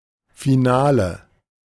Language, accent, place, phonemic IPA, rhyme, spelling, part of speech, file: German, Germany, Berlin, /fiˈnaːlə/, -aːlə, Finale, noun, De-Finale.ogg
- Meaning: 1. final 2. finale